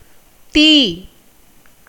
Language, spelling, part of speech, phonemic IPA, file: Tamil, தீ, character / noun / adjective / verb, /t̪iː/, Ta-தீ.ogg
- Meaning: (character) The alphasyllabic combination of த் (t) + ஈ (ī); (noun) 1. fire 2. digesting heat 3. lamp 4. anger 5. evil 6. hell; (adjective) adjectival of தீ (tī) (the noun above); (verb) to be burnt